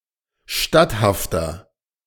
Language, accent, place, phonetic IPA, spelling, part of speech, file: German, Germany, Berlin, [ˈʃtathaftɐ], statthafter, adjective, De-statthafter.ogg
- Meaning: 1. comparative degree of statthaft 2. inflection of statthaft: strong/mixed nominative masculine singular 3. inflection of statthaft: strong genitive/dative feminine singular